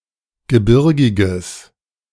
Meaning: strong/mixed nominative/accusative neuter singular of gebirgig
- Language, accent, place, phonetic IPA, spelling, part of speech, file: German, Germany, Berlin, [ɡəˈbɪʁɡɪɡəs], gebirgiges, adjective, De-gebirgiges.ogg